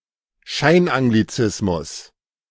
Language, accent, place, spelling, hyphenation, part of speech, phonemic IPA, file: German, Germany, Berlin, Scheinanglizismus, Schein‧an‧g‧li‧zis‧mus, noun, /ˈʃaɪ̯nʔaŋɡliˌt͡sɪsmʊs/, De-Scheinanglizismus.ogg
- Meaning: pseudo-anglicism